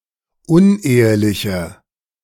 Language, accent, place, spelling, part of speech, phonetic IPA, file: German, Germany, Berlin, uneheliche, adjective, [ˈʊnˌʔeːəlɪçə], De-uneheliche.ogg
- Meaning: inflection of unehelich: 1. strong/mixed nominative/accusative feminine singular 2. strong nominative/accusative plural 3. weak nominative all-gender singular